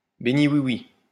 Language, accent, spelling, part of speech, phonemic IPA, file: French, France, béni-oui-oui, noun, /be.ni.wi.wi/, LL-Q150 (fra)-béni-oui-oui.wav
- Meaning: yes man